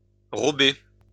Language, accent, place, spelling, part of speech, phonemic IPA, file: French, France, Lyon, rober, verb, /ʁɔ.be/, LL-Q150 (fra)-rober.wav
- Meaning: to wrap a cigar in a sheet of tobacco